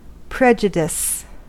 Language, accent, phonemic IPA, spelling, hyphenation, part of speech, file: English, US, /ˈpɹɛd͡ʒədɪs/, prejudice, prej‧u‧dice, noun / verb / adjective, En-us-prejudice.ogg
- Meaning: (noun) 1. An adverse judgment or opinion formed beforehand or without knowledge of the facts 2. A preconception, any preconceived opinion or feeling, whether positive or negative